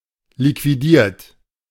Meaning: 1. past participle of liquidieren 2. inflection of liquidieren: third-person singular present 3. inflection of liquidieren: second-person plural present 4. inflection of liquidieren: plural imperative
- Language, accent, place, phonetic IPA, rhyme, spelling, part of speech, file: German, Germany, Berlin, [likviˈdiːɐ̯t], -iːɐ̯t, liquidiert, verb, De-liquidiert.ogg